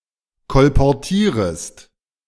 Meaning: second-person singular subjunctive I of kolportieren
- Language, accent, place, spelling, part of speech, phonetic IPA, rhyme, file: German, Germany, Berlin, kolportierest, verb, [kɔlpɔʁˈtiːʁəst], -iːʁəst, De-kolportierest.ogg